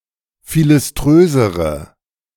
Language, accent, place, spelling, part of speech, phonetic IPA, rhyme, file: German, Germany, Berlin, philiströsere, adjective, [ˌfilɪsˈtʁøːzəʁə], -øːzəʁə, De-philiströsere.ogg
- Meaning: inflection of philiströs: 1. strong/mixed nominative/accusative feminine singular comparative degree 2. strong nominative/accusative plural comparative degree